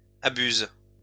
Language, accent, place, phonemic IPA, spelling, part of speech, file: French, France, Lyon, /a.byz/, abuses, verb, LL-Q150 (fra)-abuses.wav
- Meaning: second-person singular present indicative/subjunctive of abuser